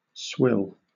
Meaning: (noun) 1. A mixture of solid and liquid food scraps fed to pigs etc; especially kitchen waste for this purpose 2. Any disgusting or distasteful liquid 3. Anything disgusting or worthless
- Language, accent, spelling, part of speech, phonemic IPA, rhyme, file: English, Southern England, swill, noun / verb, /swɪl/, -ɪl, LL-Q1860 (eng)-swill.wav